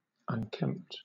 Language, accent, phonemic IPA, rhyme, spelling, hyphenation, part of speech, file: English, Southern England, /ˌʌnˈkɛmpt/, -ɛmpt, unkempt, un‧kempt, adjective, LL-Q1860 (eng)-unkempt.wav
- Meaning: 1. uncombed, dishevelled 2. Disorderly; untidy; messy; not kept up 3. Rough; unpolished